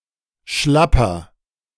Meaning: 1. comparative degree of schlapp 2. inflection of schlapp: strong/mixed nominative masculine singular 3. inflection of schlapp: strong genitive/dative feminine singular
- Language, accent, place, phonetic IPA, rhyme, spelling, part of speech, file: German, Germany, Berlin, [ˈʃlapɐ], -apɐ, schlapper, adjective, De-schlapper.ogg